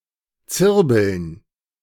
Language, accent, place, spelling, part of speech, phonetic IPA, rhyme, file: German, Germany, Berlin, Zirbeln, noun, [ˈt͡sɪʁbl̩n], -ɪʁbl̩n, De-Zirbeln.ogg
- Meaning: plural of Zirbel